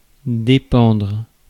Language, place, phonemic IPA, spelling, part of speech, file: French, Paris, /de.pɑ̃dʁ/, dépendre, verb, Fr-dépendre.ogg
- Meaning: 1. to depend (to be uncertain or contingent) 2. to depend (to be contingent) 3. to depend, to rely (for support) 4. to belong to, to be part of